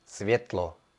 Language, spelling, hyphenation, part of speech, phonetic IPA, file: Czech, světlo, svět‧lo, noun, [ˈsvjɛtlo], Cs-světlo.ogg
- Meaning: light (illumination produced by Sun or other sources)